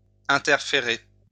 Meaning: to interfere
- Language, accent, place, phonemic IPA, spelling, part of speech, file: French, France, Lyon, /ɛ̃.tɛʁ.fe.ʁe/, interférer, verb, LL-Q150 (fra)-interférer.wav